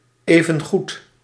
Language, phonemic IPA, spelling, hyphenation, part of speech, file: Dutch, /ˌeː.və(n)ˈɣut/, evengoed, even‧goed, adverb, Nl-evengoed.ogg
- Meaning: 1. just as well 2. all in all